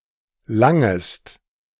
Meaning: second-person singular subjunctive I of langen
- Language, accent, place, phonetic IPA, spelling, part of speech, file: German, Germany, Berlin, [ˈlaŋəst], langest, verb, De-langest.ogg